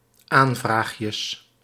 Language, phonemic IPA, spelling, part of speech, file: Dutch, /ˈaɱvraxjəs/, aanvraagjes, noun, Nl-aanvraagjes.ogg
- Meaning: plural of aanvraagje